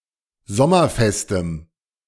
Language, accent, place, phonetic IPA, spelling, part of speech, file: German, Germany, Berlin, [ˈzɔmɐˌfɛstəm], sommerfestem, adjective, De-sommerfestem.ogg
- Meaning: strong dative masculine/neuter singular of sommerfest